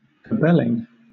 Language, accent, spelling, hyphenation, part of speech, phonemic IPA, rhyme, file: English, Southern England, cabbeling, cab‧bel‧ing, noun, /kəˈbɛlɪŋ/, -ɛlɪŋ, LL-Q1860 (eng)-cabbeling.wav